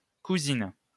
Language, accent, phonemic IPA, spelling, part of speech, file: French, France, /ku.zin/, cousines, noun, LL-Q150 (fra)-cousines.wav
- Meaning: plural of cousine